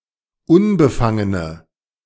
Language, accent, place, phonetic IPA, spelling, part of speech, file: German, Germany, Berlin, [ˈʊnbəˌfaŋənə], unbefangene, adjective, De-unbefangene.ogg
- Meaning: inflection of unbefangen: 1. strong/mixed nominative/accusative feminine singular 2. strong nominative/accusative plural 3. weak nominative all-gender singular